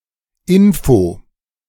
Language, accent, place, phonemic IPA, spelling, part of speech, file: German, Germany, Berlin, /ˈɪnfoː/, Info, noun, De-Info.ogg
- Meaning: 1. clipping of Information 2. clipping of Informatik